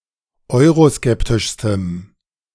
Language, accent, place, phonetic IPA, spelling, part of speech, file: German, Germany, Berlin, [ˈɔɪ̯ʁoˌskɛptɪʃstəm], euroskeptischstem, adjective, De-euroskeptischstem.ogg
- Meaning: strong dative masculine/neuter singular superlative degree of euroskeptisch